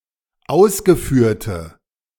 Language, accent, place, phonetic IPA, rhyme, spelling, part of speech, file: German, Germany, Berlin, [ˈaʊ̯sɡəˌfyːɐ̯tə], -aʊ̯sɡəfyːɐ̯tə, ausgeführte, adjective, De-ausgeführte.ogg
- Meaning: inflection of ausgeführt: 1. strong/mixed nominative/accusative feminine singular 2. strong nominative/accusative plural 3. weak nominative all-gender singular